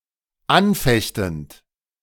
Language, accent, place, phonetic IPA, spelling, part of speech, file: German, Germany, Berlin, [ˈanˌfɛçtn̩t], anfechtend, verb, De-anfechtend.ogg
- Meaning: present participle of anfechten